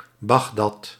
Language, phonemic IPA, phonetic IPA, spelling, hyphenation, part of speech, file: Dutch, /ˈbɑxdɑt/, [ˈbɑɣdɑt], Bagdad, Bag‧dad, proper noun, Nl-Bagdad.ogg
- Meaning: 1. Baghdad (the capital city of Iraq) 2. Baghdad (a governorate of Iraq)